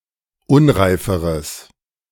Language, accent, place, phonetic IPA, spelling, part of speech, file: German, Germany, Berlin, [ˈʊnʁaɪ̯fəʁəs], unreiferes, adjective, De-unreiferes.ogg
- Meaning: strong/mixed nominative/accusative neuter singular comparative degree of unreif